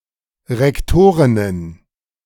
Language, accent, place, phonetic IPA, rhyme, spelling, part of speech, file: German, Germany, Berlin, [ˌʁɛkˈtoːʁɪnən], -oːʁɪnən, Rektorinnen, noun, De-Rektorinnen.ogg
- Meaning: plural of Rektorin